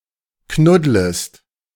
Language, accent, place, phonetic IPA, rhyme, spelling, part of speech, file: German, Germany, Berlin, [ˈknʊdləst], -ʊdləst, knuddlest, verb, De-knuddlest.ogg
- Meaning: second-person singular subjunctive I of knuddeln